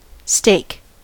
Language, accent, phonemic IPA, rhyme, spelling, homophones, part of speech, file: English, US, /steɪk/, -eɪk, stake, steak, noun / verb, En-us-stake.ogg
- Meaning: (noun) A piece of wood or other material, usually long and slender, pointed at one end so as to be easily driven into the ground as a marker or a support or stay